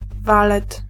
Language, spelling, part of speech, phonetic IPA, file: Polish, walet, noun, [ˈvalɛt], Pl-walet.ogg